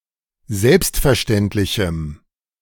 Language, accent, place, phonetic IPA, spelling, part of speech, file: German, Germany, Berlin, [ˈzɛlpstfɛɐ̯ˌʃtɛntlɪçm̩], selbstverständlichem, adjective, De-selbstverständlichem.ogg
- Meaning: strong dative masculine/neuter singular of selbstverständlich